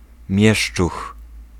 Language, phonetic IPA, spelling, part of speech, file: Polish, [ˈmʲjɛʃt͡ʃux], mieszczuch, noun, Pl-mieszczuch.ogg